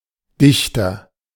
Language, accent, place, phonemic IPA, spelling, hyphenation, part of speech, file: German, Germany, Berlin, /ˈdɪçtɐ/, Dichter, Dich‧ter, noun, De-Dichter.ogg
- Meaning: poet (male or of unspecified gender)